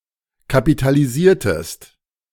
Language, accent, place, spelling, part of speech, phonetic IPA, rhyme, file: German, Germany, Berlin, kapitalisiertest, verb, [kapitaliˈziːɐ̯təst], -iːɐ̯təst, De-kapitalisiertest.ogg
- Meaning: inflection of kapitalisieren: 1. second-person singular preterite 2. second-person singular subjunctive II